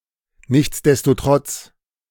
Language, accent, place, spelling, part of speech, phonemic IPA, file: German, Germany, Berlin, nichtsdestotrotz, adverb, /ˌnɪçtsdɛstoˈtʁɔts/, De-nichtsdestotrotz.ogg
- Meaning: nonetheless